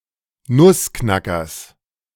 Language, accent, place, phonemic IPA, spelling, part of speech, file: German, Germany, Berlin, /ˈnʊsˌknakɐs/, Nussknackers, noun, De-Nussknackers.ogg
- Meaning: genitive singular of Nussknacker